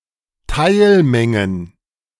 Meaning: plural of Teilmenge
- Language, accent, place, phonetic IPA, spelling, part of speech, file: German, Germany, Berlin, [ˈtaɪ̯lˌmɛŋən], Teilmengen, noun, De-Teilmengen.ogg